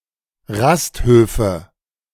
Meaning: nominative/accusative/genitive plural of Rasthof
- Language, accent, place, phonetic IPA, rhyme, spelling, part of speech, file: German, Germany, Berlin, [ˈʁastˌhøːfə], -asthøːfə, Rasthöfe, noun, De-Rasthöfe.ogg